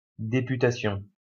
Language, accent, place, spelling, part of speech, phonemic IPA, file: French, France, Lyon, députation, noun, /de.py.ta.sjɔ̃/, LL-Q150 (fra)-députation.wav
- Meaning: 1. deputation 2. the role of a deputy (in politics)